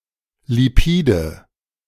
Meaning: nominative/accusative/genitive plural of Lipid
- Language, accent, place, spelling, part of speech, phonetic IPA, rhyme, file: German, Germany, Berlin, Lipide, noun, [liˈpiːdə], -iːdə, De-Lipide.ogg